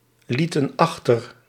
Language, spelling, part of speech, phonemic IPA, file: Dutch, lieten achter, verb, /ˈlitə(n) ˈɑxtər/, Nl-lieten achter.ogg
- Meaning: inflection of achterlaten: 1. plural past indicative 2. plural past subjunctive